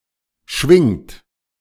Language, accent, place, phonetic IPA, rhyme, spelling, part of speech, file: German, Germany, Berlin, [ʃvɪŋt], -ɪŋt, schwingt, verb, De-schwingt.ogg
- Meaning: second-person plural present of schwingen